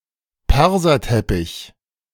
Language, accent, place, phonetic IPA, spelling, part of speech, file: German, Germany, Berlin, [ˈpɛʁzɐtɛpɪç], Perserteppich, noun, De-Perserteppich.ogg
- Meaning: Persian carpet